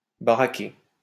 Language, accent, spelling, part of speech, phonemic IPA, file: French, France, baraqué, adjective / verb, /ba.ʁa.ke/, LL-Q150 (fra)-baraqué.wav
- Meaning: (adjective) buff, yoked, beefy (hefty, well-built); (verb) past participle of baraquer